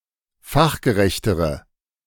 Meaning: inflection of fachgerecht: 1. strong/mixed nominative/accusative feminine singular comparative degree 2. strong nominative/accusative plural comparative degree
- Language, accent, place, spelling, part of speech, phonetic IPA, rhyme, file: German, Germany, Berlin, fachgerechtere, adjective, [ˈfaxɡəˌʁɛçtəʁə], -axɡəʁɛçtəʁə, De-fachgerechtere.ogg